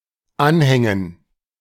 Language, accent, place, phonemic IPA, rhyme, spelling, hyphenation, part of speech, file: German, Germany, Berlin, /ˈanˌhɛŋən/, -ɛŋən, Anhängen, An‧hän‧gen, noun, De-Anhängen.ogg
- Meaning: 1. gerund of anhängen 2. dative plural of Anhang